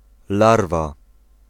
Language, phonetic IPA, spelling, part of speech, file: Polish, [ˈlarva], larwa, noun, Pl-larwa.ogg